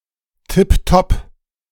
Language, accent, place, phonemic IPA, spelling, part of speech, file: German, Germany, Berlin, /ˌtɪpˈtɔp/, tipptopp, adjective, De-tipptopp.ogg
- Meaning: tip-top, excellent